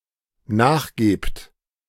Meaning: second-person plural dependent present of nachgeben
- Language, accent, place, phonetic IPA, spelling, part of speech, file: German, Germany, Berlin, [ˈnaːxˌɡeːpt], nachgebt, verb, De-nachgebt.ogg